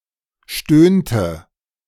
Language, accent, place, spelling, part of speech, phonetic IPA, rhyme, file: German, Germany, Berlin, stöhnte, verb, [ˈʃtøːntə], -øːntə, De-stöhnte.ogg
- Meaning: inflection of stöhnen: 1. first/third-person singular preterite 2. first/third-person singular subjunctive II